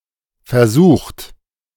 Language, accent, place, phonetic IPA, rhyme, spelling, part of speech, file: German, Germany, Berlin, [fɛɐ̯ˈzuːxtə], -uːxtə, versuchte, adjective / verb, De-versuchte.ogg
- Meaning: inflection of versuchen: 1. first/third-person singular preterite 2. first/third-person singular subjunctive II